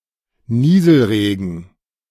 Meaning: drizzle
- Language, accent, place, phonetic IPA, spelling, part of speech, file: German, Germany, Berlin, [ˈniːzl̩ˌʁeːɡn̩], Nieselregen, noun, De-Nieselregen.ogg